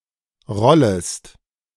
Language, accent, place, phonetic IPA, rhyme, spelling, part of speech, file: German, Germany, Berlin, [ˈʁɔləst], -ɔləst, rollest, verb, De-rollest.ogg
- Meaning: second-person singular subjunctive I of rollen